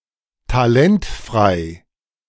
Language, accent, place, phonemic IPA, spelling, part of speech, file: German, Germany, Berlin, /taˈlɛntfʁaɪ̯/, talentfrei, adjective, De-talentfrei.ogg
- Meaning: talentless